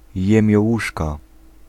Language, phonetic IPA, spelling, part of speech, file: Polish, [ˌjɛ̃mʲjɔˈwuʃka], jemiołuszka, noun, Pl-jemiołuszka.ogg